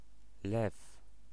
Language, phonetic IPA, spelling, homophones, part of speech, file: Polish, [lɛf], Lew, lew, proper noun / noun, Pl-lew.ogg